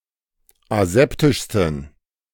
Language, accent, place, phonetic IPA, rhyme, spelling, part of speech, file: German, Germany, Berlin, [aˈzɛptɪʃstn̩], -ɛptɪʃstn̩, aseptischsten, adjective, De-aseptischsten.ogg
- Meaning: 1. superlative degree of aseptisch 2. inflection of aseptisch: strong genitive masculine/neuter singular superlative degree